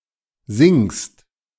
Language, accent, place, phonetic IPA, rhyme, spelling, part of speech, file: German, Germany, Berlin, [zɪŋst], -ɪŋst, singst, verb, De-singst.ogg
- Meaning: second-person singular present of singen